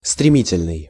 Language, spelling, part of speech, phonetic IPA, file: Russian, стремительный, adjective, [strʲɪˈmʲitʲɪlʲnɨj], Ru-стремительный.ogg
- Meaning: 1. impetuous, violent, rash, headlong 2. rapid, swift